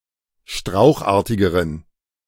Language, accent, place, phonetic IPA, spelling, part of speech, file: German, Germany, Berlin, [ˈʃtʁaʊ̯xˌʔaːɐ̯tɪɡəʁən], strauchartigeren, adjective, De-strauchartigeren.ogg
- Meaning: inflection of strauchartig: 1. strong genitive masculine/neuter singular comparative degree 2. weak/mixed genitive/dative all-gender singular comparative degree